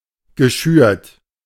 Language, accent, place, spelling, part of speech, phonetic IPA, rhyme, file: German, Germany, Berlin, geschürt, verb, [ɡəˈʃyːɐ̯t], -yːɐ̯t, De-geschürt.ogg
- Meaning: past participle of schüren